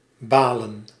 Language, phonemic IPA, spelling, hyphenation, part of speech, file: Dutch, /ˈbaːlə(n)/, balen, ba‧len, verb / interjection / noun, Nl-balen.ogg
- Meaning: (verb) 1. to be annoyed, frustrated or fed up 2. to be bored; to be mildly annoyed through having nothing to do; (interjection) too bad, that sucks; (noun) plural of baal